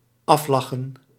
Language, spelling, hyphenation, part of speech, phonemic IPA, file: Dutch, aflachen, af‧la‧chen, verb, /ˈɑfˌlɑ.xə(n)/, Nl-aflachen.ogg
- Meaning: to spend time laughing (to a specified degree), often to the point of exhaustion